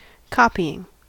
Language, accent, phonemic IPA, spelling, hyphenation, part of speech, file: English, US, /ˈkɑpiɪŋ/, copying, copy‧ing, verb / noun, En-us-copying.ogg
- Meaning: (verb) present participle and gerund of copy; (noun) 1. an instance of the making of a copy 2. the practice of making one or more copies